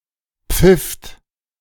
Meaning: second-person plural preterite of pfeifen
- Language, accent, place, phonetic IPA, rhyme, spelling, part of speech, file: German, Germany, Berlin, [p͡fɪft], -ɪft, pfifft, verb, De-pfifft.ogg